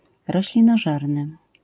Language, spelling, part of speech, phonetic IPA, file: Polish, roślinożerny, adjective, [ˌrɔɕlʲĩnɔˈʒɛrnɨ], LL-Q809 (pol)-roślinożerny.wav